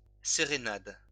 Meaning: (noun) serenade; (verb) inflection of sérénader: 1. first/third-person singular present indicative/subjunctive 2. second-person singular imperative
- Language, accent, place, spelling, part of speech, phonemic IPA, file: French, France, Lyon, sérénade, noun / verb, /se.ʁe.nad/, LL-Q150 (fra)-sérénade.wav